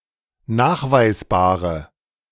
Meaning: inflection of nachweisbar: 1. strong/mixed nominative/accusative feminine singular 2. strong nominative/accusative plural 3. weak nominative all-gender singular
- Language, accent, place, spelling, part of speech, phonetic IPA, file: German, Germany, Berlin, nachweisbare, adjective, [ˈnaːxvaɪ̯sˌbaːʁə], De-nachweisbare.ogg